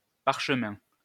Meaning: parchment (material)
- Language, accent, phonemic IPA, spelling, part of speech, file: French, France, /paʁ.ʃə.mɛ̃/, parchemin, noun, LL-Q150 (fra)-parchemin.wav